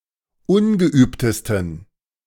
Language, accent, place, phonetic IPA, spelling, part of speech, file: German, Germany, Berlin, [ˈʊnɡəˌʔyːptəstn̩], ungeübtesten, adjective, De-ungeübtesten.ogg
- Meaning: 1. superlative degree of ungeübt 2. inflection of ungeübt: strong genitive masculine/neuter singular superlative degree